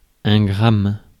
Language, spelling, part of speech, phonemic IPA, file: French, gramme, noun, /ɡʁam/, Fr-gramme.ogg
- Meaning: gram (unit of mass)